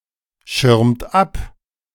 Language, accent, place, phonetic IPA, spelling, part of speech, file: German, Germany, Berlin, [ˌʃɪʁmt ˈap], schirmt ab, verb, De-schirmt ab.ogg
- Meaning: inflection of abschirmen: 1. third-person singular present 2. second-person plural present 3. plural imperative